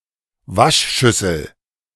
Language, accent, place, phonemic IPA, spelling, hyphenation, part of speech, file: German, Germany, Berlin, /ˈvaʃˌʃʏsl̩/, Waschschüssel, Wasch‧schüs‧sel, noun, De-Waschschüssel.ogg
- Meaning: washbasin, washbowl